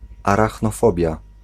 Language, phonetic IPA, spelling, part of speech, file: Polish, [ˌaraxnɔˈfɔbʲja], arachnofobia, noun, Pl-arachnofobia.ogg